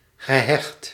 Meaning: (adjective) attached, devoted; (verb) past participle of hechten
- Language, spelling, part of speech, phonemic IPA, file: Dutch, gehecht, verb / adjective, /ɣəˈhɛxt/, Nl-gehecht.ogg